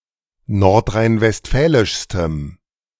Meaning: strong dative masculine/neuter singular superlative degree of nordrhein-westfälisch
- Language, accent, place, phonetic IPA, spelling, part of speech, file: German, Germany, Berlin, [ˌnɔʁtʁaɪ̯nvɛstˈfɛːlɪʃstəm], nordrhein-westfälischstem, adjective, De-nordrhein-westfälischstem.ogg